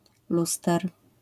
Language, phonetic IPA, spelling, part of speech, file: Polish, [ˈlustɛr], luster, noun, LL-Q809 (pol)-luster.wav